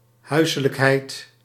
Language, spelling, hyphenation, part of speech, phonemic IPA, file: Dutch, huiselijkheid, hui‧se‧lijk‧heid, noun, /ˈɦœy̯.sə.ləkˌɦɛi̯t/, Nl-huiselijkheid.ogg
- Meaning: 1. homeliness, coziness, folksiness 2. domesticity